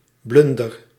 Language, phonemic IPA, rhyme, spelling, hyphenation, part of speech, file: Dutch, /ˈblʏn.dər/, -ʏndər, blunder, blun‧der, noun / verb, Nl-blunder.ogg
- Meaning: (noun) a blunder, serious error or mistake; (verb) inflection of blunderen: 1. first-person singular present indicative 2. second-person singular present indicative 3. imperative